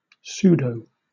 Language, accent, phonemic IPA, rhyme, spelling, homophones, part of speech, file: English, Southern England, /ˈs(j)uːdəʊ/, -uːdəʊ, pseudo, sudo, noun / adjective, LL-Q1860 (eng)-pseudo.wav
- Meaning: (noun) 1. An intellectually pretentious person; a pseudointellectual 2. A poseur; one who is fake 3. pseudo-city code 4. A pseudonym; a false name used for online anonymity 5. Short for pseudoelement